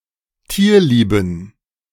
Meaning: inflection of tierlieb: 1. strong genitive masculine/neuter singular 2. weak/mixed genitive/dative all-gender singular 3. strong/weak/mixed accusative masculine singular 4. strong dative plural
- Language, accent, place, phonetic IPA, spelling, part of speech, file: German, Germany, Berlin, [ˈtiːɐ̯ˌliːbn̩], tierlieben, adjective, De-tierlieben.ogg